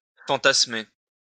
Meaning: to fantasise
- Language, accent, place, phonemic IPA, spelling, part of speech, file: French, France, Lyon, /fɑ̃.tas.me/, fantasmer, verb, LL-Q150 (fra)-fantasmer.wav